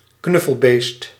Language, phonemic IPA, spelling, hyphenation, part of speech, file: Dutch, /ˈknʏ.fəlˌbeːst/, knuffelbeest, knuf‧fel‧beest, noun, Nl-knuffelbeest.ogg
- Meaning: animal doll, stuffed toy animal